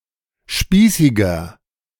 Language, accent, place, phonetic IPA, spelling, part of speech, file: German, Germany, Berlin, [ˈʃpiːsɪɡɐ], spießiger, adjective, De-spießiger.ogg
- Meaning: 1. comparative degree of spießig 2. inflection of spießig: strong/mixed nominative masculine singular 3. inflection of spießig: strong genitive/dative feminine singular